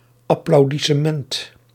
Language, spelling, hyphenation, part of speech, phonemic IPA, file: Dutch, applaudissement, ap‧plau‧dis‧se‧ment, noun, /ɑ.plɑu̯.di.səˈmɛnt/, Nl-applaudissement.ogg
- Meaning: applause